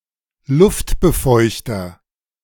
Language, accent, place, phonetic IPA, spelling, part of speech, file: German, Germany, Berlin, [ˈlʊftbəˌfɔɪ̯çtɐ], Luftbefeuchter, noun, De-Luftbefeuchter.ogg
- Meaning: humidifier